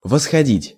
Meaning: 1. to ascend, to climb, to go up, to mount 2. to go back (to a particular time)
- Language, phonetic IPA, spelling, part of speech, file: Russian, [vəsxɐˈdʲitʲ], восходить, verb, Ru-восходить.ogg